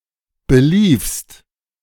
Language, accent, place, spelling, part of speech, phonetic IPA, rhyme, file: German, Germany, Berlin, beliefst, verb, [bəˈliːfst], -iːfst, De-beliefst.ogg
- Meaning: second-person singular preterite of belaufen